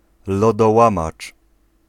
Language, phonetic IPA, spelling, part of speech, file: Polish, [ˌlɔdɔˈwãmat͡ʃ], lodołamacz, noun, Pl-lodołamacz.ogg